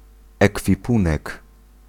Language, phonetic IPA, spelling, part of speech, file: Polish, [ˌɛkfʲiˈpũnɛk], ekwipunek, noun, Pl-ekwipunek.ogg